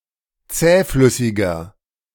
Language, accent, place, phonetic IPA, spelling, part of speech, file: German, Germany, Berlin, [ˈt͡sɛːˌflʏsɪɡɐ], zähflüssiger, adjective, De-zähflüssiger.ogg
- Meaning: 1. comparative degree of zähflüssig 2. inflection of zähflüssig: strong/mixed nominative masculine singular 3. inflection of zähflüssig: strong genitive/dative feminine singular